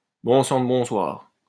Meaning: good heavens! heavens above! good Lord! for Pete's sake!
- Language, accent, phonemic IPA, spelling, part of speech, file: French, France, /bɔ̃ sɑ̃ d(ə) bɔ̃.swaʁ/, bon sang de bonsoir, interjection, LL-Q150 (fra)-bon sang de bonsoir.wav